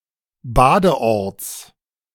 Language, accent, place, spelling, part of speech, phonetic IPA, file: German, Germany, Berlin, Badeorts, noun, [ˈbaːdəˌʔɔʁt͡s], De-Badeorts.ogg
- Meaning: genitive of Badeort